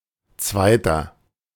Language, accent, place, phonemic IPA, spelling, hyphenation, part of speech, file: German, Germany, Berlin, /ˈt͡svaɪ̯tɐ/, Zweiter, Zwei‧ter, noun, De-Zweiter.ogg
- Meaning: 1. runner-up (male or of unspecified gender) 2. inflection of Zweite: strong genitive/dative singular 3. inflection of Zweite: strong genitive plural